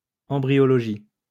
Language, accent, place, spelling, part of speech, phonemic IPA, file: French, France, Lyon, embryologie, noun, /ɑ̃.bʁi.jɔ.lɔ.ʒi/, LL-Q150 (fra)-embryologie.wav
- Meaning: embryology